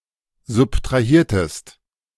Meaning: inflection of subtrahieren: 1. second-person singular preterite 2. second-person singular subjunctive II
- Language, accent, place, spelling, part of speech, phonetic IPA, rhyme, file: German, Germany, Berlin, subtrahiertest, verb, [zʊptʁaˈhiːɐ̯təst], -iːɐ̯təst, De-subtrahiertest.ogg